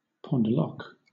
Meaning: A drop-shaped diamond or other gem used as a pendant; also, a piece of jewellery in pendant form
- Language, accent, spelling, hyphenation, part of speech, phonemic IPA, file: English, Southern England, pendeloque, pend‧el‧oque, noun, /ˌpɒndəˈlɒk/, LL-Q1860 (eng)-pendeloque.wav